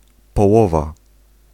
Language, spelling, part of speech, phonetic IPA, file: Polish, połowa, noun, [pɔˈwɔva], Pl-połowa.ogg